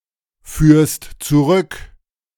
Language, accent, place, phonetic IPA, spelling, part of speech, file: German, Germany, Berlin, [ˌfyːɐ̯st t͡suˈʁʏk], führst zurück, verb, De-führst zurück.ogg
- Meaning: second-person singular present of zurückführen